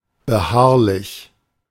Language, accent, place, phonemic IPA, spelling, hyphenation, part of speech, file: German, Germany, Berlin, /bəˈhaʁlɪç/, beharrlich, be‧harr‧lich, adjective, De-beharrlich.ogg
- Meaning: 1. persistent, insistent 2. obstinate